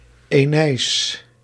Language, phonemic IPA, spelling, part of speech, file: Dutch, /ˌeːˈneː.ɪs/, Aeneis, proper noun, Nl-Aeneis.ogg